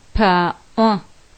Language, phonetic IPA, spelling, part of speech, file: Adyghe, [paːʔʷa], паӏо, noun, Paʔʷa.ogg
- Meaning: 1. hat 2. cap